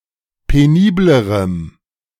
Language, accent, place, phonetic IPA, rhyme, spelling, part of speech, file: German, Germany, Berlin, [peˈniːbləʁəm], -iːbləʁəm, peniblerem, adjective, De-peniblerem.ogg
- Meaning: strong dative masculine/neuter singular comparative degree of penibel